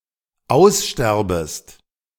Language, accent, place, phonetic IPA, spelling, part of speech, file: German, Germany, Berlin, [ˈaʊ̯sˌʃtɛʁbəst], aussterbest, verb, De-aussterbest.ogg
- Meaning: second-person singular dependent subjunctive I of aussterben